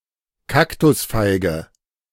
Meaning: the fruit of Opuntia ficus-indica (Indian fig opuntia) a species of cactus, "prickly pear", Indian fig
- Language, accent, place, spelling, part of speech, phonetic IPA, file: German, Germany, Berlin, Kaktusfeige, noun, [ˈkaktʊsfaɪ̯ɡə], De-Kaktusfeige.ogg